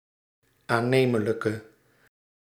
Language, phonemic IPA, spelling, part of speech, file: Dutch, /aˈnemələkə/, aannemelijke, adjective, Nl-aannemelijke.ogg
- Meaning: inflection of aannemelijk: 1. masculine/feminine singular attributive 2. definite neuter singular attributive 3. plural attributive